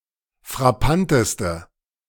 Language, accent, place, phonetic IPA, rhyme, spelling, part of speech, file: German, Germany, Berlin, [fʁaˈpantəstə], -antəstə, frappanteste, adjective, De-frappanteste.ogg
- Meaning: inflection of frappant: 1. strong/mixed nominative/accusative feminine singular superlative degree 2. strong nominative/accusative plural superlative degree